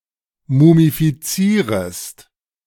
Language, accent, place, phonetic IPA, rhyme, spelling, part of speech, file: German, Germany, Berlin, [mumifiˈt͡siːʁəst], -iːʁəst, mumifizierest, verb, De-mumifizierest.ogg
- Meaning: second-person singular subjunctive I of mumifizieren